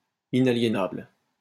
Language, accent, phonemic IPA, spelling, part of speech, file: French, France, /i.na.lje.nabl/, inaliénable, adjective, LL-Q150 (fra)-inaliénable.wav
- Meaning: inalienable